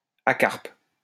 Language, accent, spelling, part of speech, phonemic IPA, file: French, France, acarpe, adjective, /a.kaʁp/, LL-Q150 (fra)-acarpe.wav
- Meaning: acarpous